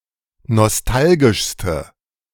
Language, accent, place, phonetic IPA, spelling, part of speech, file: German, Germany, Berlin, [nɔsˈtalɡɪʃstə], nostalgischste, adjective, De-nostalgischste.ogg
- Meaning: inflection of nostalgisch: 1. strong/mixed nominative/accusative feminine singular superlative degree 2. strong nominative/accusative plural superlative degree